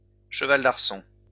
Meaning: pommel horse (apparatus for gymnastic exercises with a cylindrical body covered with leather and two upright pommels, as hand grips, near the centre; held upright with adjustable legs)
- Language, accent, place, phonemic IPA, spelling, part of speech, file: French, France, Lyon, /ʃə.val d‿aʁ.sɔ̃/, cheval d'arçons, noun, LL-Q150 (fra)-cheval d'arçons.wav